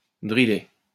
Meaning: to drill (to instruct, to train, to coach)
- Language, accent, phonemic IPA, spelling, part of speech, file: French, France, /dʁi.le/, driller, verb, LL-Q150 (fra)-driller.wav